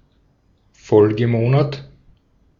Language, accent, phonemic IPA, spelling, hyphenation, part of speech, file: German, Austria, /ˈfɔlɡəˌmoːnat/, Folgemonat, Fol‧ge‧mo‧nat, noun, De-at-Folgemonat.ogg
- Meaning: following month, subsequent month